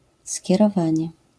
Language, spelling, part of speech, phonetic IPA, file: Polish, skierowanie, noun, [ˌsʲcɛrɔˈvãɲɛ], LL-Q809 (pol)-skierowanie.wav